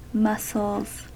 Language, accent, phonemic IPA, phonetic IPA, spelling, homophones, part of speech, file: English, US, /ˈmʌs.əlz/, [ˈmʌs.l̩z], muscles, mussels, noun / verb, En-us-muscles.ogg
- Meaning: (noun) plural of muscle; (verb) third-person singular simple present indicative of muscle